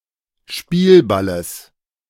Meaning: genitive singular of Spielball
- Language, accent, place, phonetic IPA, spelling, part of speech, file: German, Germany, Berlin, [ˈʃpiːlˌbaləs], Spielballes, noun, De-Spielballes.ogg